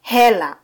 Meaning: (noun) 1. money 2. heller; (interjection) Exclamation to get attention: hey
- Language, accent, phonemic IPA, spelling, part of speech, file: Swahili, Kenya, /ˈhɛ.lɑ/, hela, noun / interjection, Sw-ke-hela.flac